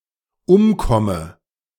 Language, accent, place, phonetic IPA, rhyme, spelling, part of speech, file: German, Germany, Berlin, [ˈʊmˌkɔmə], -ʊmkɔmə, umkomme, verb, De-umkomme.ogg
- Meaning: inflection of umkommen: 1. first-person singular dependent present 2. first/third-person singular dependent subjunctive I